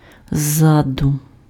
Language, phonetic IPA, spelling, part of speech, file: Ukrainian, [ˈzːadʊ], ззаду, adverb, Uk-ззаду.ogg
- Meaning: from behind